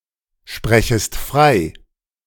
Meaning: second-person singular subjunctive I of freisprechen
- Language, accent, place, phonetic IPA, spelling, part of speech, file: German, Germany, Berlin, [ˌʃpʁɛçəst ˈfʁaɪ̯], sprechest frei, verb, De-sprechest frei.ogg